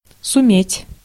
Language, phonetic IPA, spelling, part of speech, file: Russian, [sʊˈmʲetʲ], суметь, verb, Ru-суметь.ogg
- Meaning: to be able, to manage, to succeed